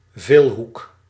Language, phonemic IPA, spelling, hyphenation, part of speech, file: Dutch, /ˈveːl.ɦuk/, veelhoek, veel‧hoek, noun, Nl-veelhoek.ogg
- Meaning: polygon (plane figure bounded by straight edges)